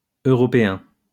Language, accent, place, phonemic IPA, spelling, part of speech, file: French, France, Lyon, /ø.ʁɔ.pe.ɛ̃/, européens, adjective, LL-Q150 (fra)-européens.wav
- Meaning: masculine plural of européen